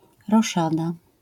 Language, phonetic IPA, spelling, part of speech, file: Polish, [rɔˈʃada], roszada, noun, LL-Q809 (pol)-roszada.wav